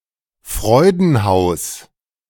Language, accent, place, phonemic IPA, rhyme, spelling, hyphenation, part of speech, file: German, Germany, Berlin, /ˈfʁɔɪ̯dn̩ˌhaʊ̯s/, -aʊ̯s, Freudenhaus, Freu‧den‧haus, noun, De-Freudenhaus.ogg
- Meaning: brothel (house of prostitution)